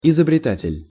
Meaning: inventor
- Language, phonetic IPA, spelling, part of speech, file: Russian, [ɪzəbrʲɪˈtatʲɪlʲ], изобретатель, noun, Ru-изобретатель.ogg